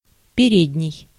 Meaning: 1. front, fore, foremost 2. first 3. anterior
- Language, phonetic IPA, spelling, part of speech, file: Russian, [pʲɪˈrʲedʲnʲɪj], передний, adjective, Ru-передний.ogg